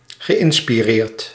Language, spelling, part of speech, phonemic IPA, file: Dutch, geïnspireerd, verb / adjective, /ɣəˌʔɪnspiˈrert/, Nl-geïnspireerd.ogg
- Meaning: past participle of inspireren